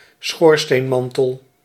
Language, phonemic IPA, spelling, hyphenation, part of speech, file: Dutch, /ˈsxoːr.steːnˌmɑn.təl/, schoorsteenmantel, schoor‧steen‧man‧tel, noun, Nl-schoorsteenmantel.ogg
- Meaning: the mantle of the fireplace of a chimney